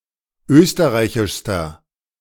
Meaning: inflection of österreichisch: 1. strong/mixed nominative masculine singular superlative degree 2. strong genitive/dative feminine singular superlative degree
- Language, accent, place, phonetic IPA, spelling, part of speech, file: German, Germany, Berlin, [ˈøːstəʁaɪ̯çɪʃstɐ], österreichischster, adjective, De-österreichischster.ogg